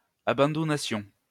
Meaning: first-person plural imperfect subjunctive of abandouner
- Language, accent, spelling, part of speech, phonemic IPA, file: French, France, abandounassions, verb, /a.bɑ̃.du.na.sjɔ̃/, LL-Q150 (fra)-abandounassions.wav